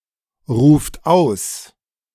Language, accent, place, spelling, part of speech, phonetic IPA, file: German, Germany, Berlin, ruft aus, verb, [ˌʁuːft ˈaʊ̯s], De-ruft aus.ogg
- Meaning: inflection of ausrufen: 1. third-person singular present 2. second-person plural present 3. plural imperative